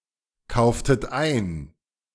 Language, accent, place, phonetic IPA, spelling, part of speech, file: German, Germany, Berlin, [ˌkaʊ̯ftət ˈaɪ̯n], kauftet ein, verb, De-kauftet ein.ogg
- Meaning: inflection of einkaufen: 1. second-person plural preterite 2. second-person plural subjunctive II